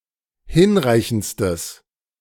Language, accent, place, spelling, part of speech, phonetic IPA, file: German, Germany, Berlin, hinreichendstes, adjective, [ˈhɪnˌʁaɪ̯çn̩t͡stəs], De-hinreichendstes.ogg
- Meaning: strong/mixed nominative/accusative neuter singular superlative degree of hinreichend